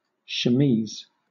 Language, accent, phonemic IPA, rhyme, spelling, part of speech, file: English, Southern England, /ʃəˈmiːz/, -iːz, chemise, noun, LL-Q1860 (eng)-chemise.wav
- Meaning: 1. A loose shirtlike undergarment, especially for women 2. A short nightdress, or similar piece of lingerie 3. A woman's dress that fits loosely; a chemise dress